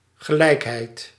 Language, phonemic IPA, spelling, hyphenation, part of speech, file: Dutch, /ɣəˈlɛikhɛit/, gelijkheid, ge‧lijk‧heid, noun, Nl-gelijkheid.ogg
- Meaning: 1. parity 2. equality